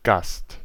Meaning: guest
- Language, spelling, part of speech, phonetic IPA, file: German, Gast, noun, [ɡast], De-Gast.ogg